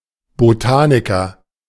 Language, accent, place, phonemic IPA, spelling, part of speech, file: German, Germany, Berlin, /boˈtaːnɪkɐ/, Botaniker, noun, De-Botaniker.ogg
- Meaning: botanist (a person engaged in botany)